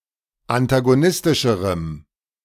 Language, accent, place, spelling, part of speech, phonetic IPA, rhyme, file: German, Germany, Berlin, antagonistischerem, adjective, [antaɡoˈnɪstɪʃəʁəm], -ɪstɪʃəʁəm, De-antagonistischerem.ogg
- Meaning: strong dative masculine/neuter singular comparative degree of antagonistisch